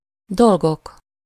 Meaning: nominative plural of dolog
- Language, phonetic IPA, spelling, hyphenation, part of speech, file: Hungarian, [ˈdolɡok], dolgok, dol‧gok, noun, Hu-dolgok.ogg